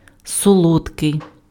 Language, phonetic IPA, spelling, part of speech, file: Ukrainian, [sɔˈɫɔdkei̯], солодкий, adjective, Uk-солодкий.ogg
- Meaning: sweet (having a pleasant taste)